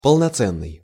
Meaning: of full value, valuable, full-fledged, complete, full
- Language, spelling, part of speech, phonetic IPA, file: Russian, полноценный, adjective, [pəɫnɐˈt͡sɛnːɨj], Ru-полноценный.ogg